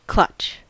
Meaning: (verb) 1. To seize, as though with claws 2. To grip or grasp tightly 3. To win despite being the only remaining player on one's team, against several opponents
- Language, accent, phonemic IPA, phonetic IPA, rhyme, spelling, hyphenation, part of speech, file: English, US, /ˈklʌt͡ʃ/, [ˈkʰl̥ʌt͡ʃ], -ʌtʃ, clutch, clutch, verb / noun / adjective, En-us-clutch.ogg